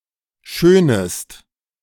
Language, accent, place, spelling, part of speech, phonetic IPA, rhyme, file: German, Germany, Berlin, schönest, verb, [ˈʃøːnəst], -øːnəst, De-schönest.ogg
- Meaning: second-person singular subjunctive I of schönen